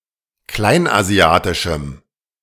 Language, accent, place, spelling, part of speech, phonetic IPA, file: German, Germany, Berlin, kleinasiatischem, adjective, [ˈklaɪ̯nʔaˌzi̯aːtɪʃm̩], De-kleinasiatischem.ogg
- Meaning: strong dative masculine/neuter singular of kleinasiatisch